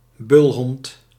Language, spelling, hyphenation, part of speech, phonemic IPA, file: Dutch, bulhond, bul‧hond, noun, /ˈbʏl.ɦɔnt/, Nl-bulhond.ogg
- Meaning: bulldog